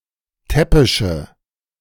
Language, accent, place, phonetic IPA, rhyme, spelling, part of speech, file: German, Germany, Berlin, [ˈtɛpɪʃə], -ɛpɪʃə, täppische, adjective, De-täppische.ogg
- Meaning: inflection of täppisch: 1. strong/mixed nominative/accusative feminine singular 2. strong nominative/accusative plural 3. weak nominative all-gender singular